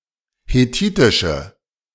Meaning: inflection of hethitisch: 1. strong/mixed nominative/accusative feminine singular 2. strong nominative/accusative plural 3. weak nominative all-gender singular
- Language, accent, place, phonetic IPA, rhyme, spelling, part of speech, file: German, Germany, Berlin, [heˈtiːtɪʃə], -iːtɪʃə, hethitische, adjective, De-hethitische.ogg